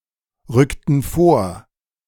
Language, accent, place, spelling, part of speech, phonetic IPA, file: German, Germany, Berlin, rückten vor, verb, [ˌʁʏktn̩ ˈfoːɐ̯], De-rückten vor.ogg
- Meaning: inflection of vorrücken: 1. first/third-person plural preterite 2. first/third-person plural subjunctive II